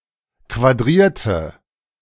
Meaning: inflection of quadrieren: 1. first/third-person singular preterite 2. first/third-person singular subjunctive II
- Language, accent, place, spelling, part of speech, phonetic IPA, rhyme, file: German, Germany, Berlin, quadrierte, adjective / verb, [kvaˈdʁiːɐ̯tə], -iːɐ̯tə, De-quadrierte.ogg